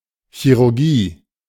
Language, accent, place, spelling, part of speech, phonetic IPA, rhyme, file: German, Germany, Berlin, Chirurgie, noun, [çiʁʊɐ̯ˈɡiː], -iː, De-Chirurgie.ogg
- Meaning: 1. surgery (field of study) 2. the section of a hospital in which surgeries are performed